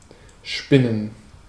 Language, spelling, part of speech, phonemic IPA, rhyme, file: German, spinnen, verb, /ˈʃpɪnən/, -ɪnən, De-spinnen.ogg
- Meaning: 1. to spin (a thread, a web, a cocoon, etc.) 2. to develop, extend (a thought, story, etc.) 3. to exaggerate (an event), to fabricate (something untrue)